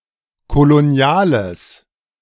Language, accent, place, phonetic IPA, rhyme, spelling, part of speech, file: German, Germany, Berlin, [koloˈni̯aːləs], -aːləs, koloniales, adjective, De-koloniales.ogg
- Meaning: strong/mixed nominative/accusative neuter singular of kolonial